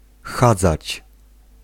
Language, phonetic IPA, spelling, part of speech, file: Polish, [ˈxad͡zat͡ɕ], chadzać, verb, Pl-chadzać.ogg